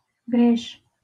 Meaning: long
- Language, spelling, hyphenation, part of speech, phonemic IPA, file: Northern Kurdish, dirêj, di‧rêj, adjective, /dɪˈɾeːʒ/, LL-Q36368 (kur)-dirêj.wav